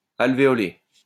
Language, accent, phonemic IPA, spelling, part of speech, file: French, France, /al.ve.ɔ.le/, alvéolé, adjective, LL-Q150 (fra)-alvéolé.wav
- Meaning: honeycombed